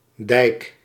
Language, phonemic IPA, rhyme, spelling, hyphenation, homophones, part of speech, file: Dutch, /dɛi̯k/, -ɛi̯k, Dijk, Dijk, dijk, proper noun, Nl-Dijk.ogg
- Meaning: 1. a hamlet in Peel en Maas, Limburg, Netherlands 2. a hamlet in Asten, North Brabant, Netherlands 3. a hamlet in Meierijstad, North Brabant, Netherlands 4. a surname